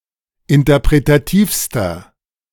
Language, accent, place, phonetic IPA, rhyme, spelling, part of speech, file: German, Germany, Berlin, [ɪntɐpʁetaˈtiːfstɐ], -iːfstɐ, interpretativster, adjective, De-interpretativster.ogg
- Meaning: inflection of interpretativ: 1. strong/mixed nominative masculine singular superlative degree 2. strong genitive/dative feminine singular superlative degree